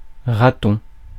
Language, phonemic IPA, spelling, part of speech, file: French, /ʁa.tɔ̃/, raton, noun, Fr-raton.ogg
- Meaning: 1. young rat 2. raccoon 3. A North African, especially if Algerian: a greaseball, a dirty wog